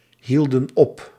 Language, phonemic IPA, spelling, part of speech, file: Dutch, /ˈhildə(n) ˈɔp/, hielden op, verb, Nl-hielden op.ogg
- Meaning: inflection of ophouden: 1. plural past indicative 2. plural past subjunctive